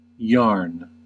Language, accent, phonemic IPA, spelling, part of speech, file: English, US, /jɑɹn/, yarn, noun / verb, En-us-yarn.ogg
- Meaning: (noun) A twisted strand of fibre used for knitting or weaving